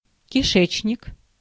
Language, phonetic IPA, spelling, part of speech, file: Russian, [kʲɪˈʂɛt͡ɕnʲɪk], кишечник, noun, Ru-кишечник.ogg
- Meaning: bowels, intestines